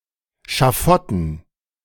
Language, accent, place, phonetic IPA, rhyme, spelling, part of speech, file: German, Germany, Berlin, [ʃaˈfɔtn̩], -ɔtn̩, Schafotten, noun, De-Schafotten.ogg
- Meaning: dative plural of Schafott